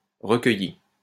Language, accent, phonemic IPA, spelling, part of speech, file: French, France, /ʁə.kœ.ji/, recueilli, adjective / verb, LL-Q150 (fra)-recueilli.wav
- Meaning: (adjective) mentally drawn back, quiet and collected in oneself; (verb) past participle of recueillir